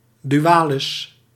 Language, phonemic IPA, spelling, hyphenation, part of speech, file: Dutch, /ˌdyˈaː.lɪs/, dualis, du‧a‧lis, noun, Nl-dualis.ogg
- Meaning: dual (number)